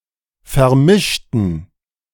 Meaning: inflection of vermischt: 1. strong genitive masculine/neuter singular 2. weak/mixed genitive/dative all-gender singular 3. strong/weak/mixed accusative masculine singular 4. strong dative plural
- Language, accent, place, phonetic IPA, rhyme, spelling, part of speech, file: German, Germany, Berlin, [fɛɐ̯ˈmɪʃtn̩], -ɪʃtn̩, vermischten, adjective / verb, De-vermischten.ogg